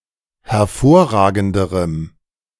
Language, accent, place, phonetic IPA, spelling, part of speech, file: German, Germany, Berlin, [hɛɐ̯ˈfoːɐ̯ˌʁaːɡn̩dəʁəm], hervorragenderem, adjective, De-hervorragenderem.ogg
- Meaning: strong dative masculine/neuter singular comparative degree of hervorragend